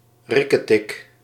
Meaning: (interjection) Onomatopoeia for a ticking sound; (noun) heart
- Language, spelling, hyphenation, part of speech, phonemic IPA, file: Dutch, rikketik, rik‧ke‧tik, interjection / noun, /ˈrɪ.kəˌtɪk/, Nl-rikketik.ogg